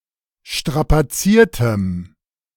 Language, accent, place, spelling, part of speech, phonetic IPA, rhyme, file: German, Germany, Berlin, strapaziertem, adjective, [ˌʃtʁapaˈt͡siːɐ̯təm], -iːɐ̯təm, De-strapaziertem.ogg
- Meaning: strong dative masculine/neuter singular of strapaziert